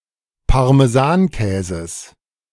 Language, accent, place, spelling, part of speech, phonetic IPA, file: German, Germany, Berlin, Parmesankäses, noun, [paʁmeˈzaːnˌkɛːzəs], De-Parmesankäses.ogg
- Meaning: genitive singular of Parmesankäse